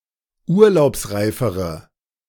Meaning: inflection of urlaubsreif: 1. strong/mixed nominative/accusative feminine singular comparative degree 2. strong nominative/accusative plural comparative degree
- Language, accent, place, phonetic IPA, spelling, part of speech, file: German, Germany, Berlin, [ˈuːɐ̯laʊ̯psˌʁaɪ̯fəʁə], urlaubsreifere, adjective, De-urlaubsreifere.ogg